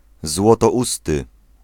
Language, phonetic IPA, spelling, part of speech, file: Polish, [ˌzwɔtɔˈʷustɨ], złotousty, adjective, Pl-złotousty.ogg